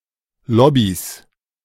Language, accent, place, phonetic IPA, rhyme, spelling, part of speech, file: German, Germany, Berlin, [ˈlɔbis], -ɔbis, Lobbys, noun, De-Lobbys.ogg
- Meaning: plural of Lobby